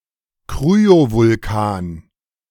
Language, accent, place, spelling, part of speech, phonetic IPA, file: German, Germany, Berlin, Kryovulkan, noun, [ˈkʁyovʊlˌkaːn], De-Kryovulkan.ogg
- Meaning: cryovolcano